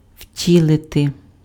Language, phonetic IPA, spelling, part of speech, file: Ukrainian, [ˈʍtʲiɫete], втілити, verb, Uk-втілити.ogg
- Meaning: to embody, to incarnate